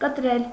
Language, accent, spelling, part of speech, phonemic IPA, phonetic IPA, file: Armenian, Eastern Armenian, կտրել, verb, /kətˈɾel/, [kətɾél], Hy-կտրել.ogg
- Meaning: 1. to cut 2. to divide into parts 3. to cut off, to clip 4. to slice 5. to cut down, to reduce 6. to interrupt, to break 7. to cross 8. to mint, to coin 9. to rob, to plunder 10. to tear off